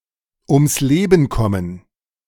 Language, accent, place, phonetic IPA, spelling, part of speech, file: German, Germany, Berlin, [ʊms ˈleːbən ˌkɔmən], ums Leben kommen, phrase, De-ums Leben kommen.ogg
- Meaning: to lose one's life; to die; usually in an accident or by homicide